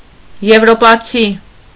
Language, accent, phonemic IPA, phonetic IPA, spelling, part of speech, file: Armenian, Eastern Armenian, /jevɾopɑˈt͡sʰi/, [jevɾopɑt͡sʰí], եվրոպացի, noun, Hy-եվրոպացի.ogg
- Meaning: European, person living or originating from Europe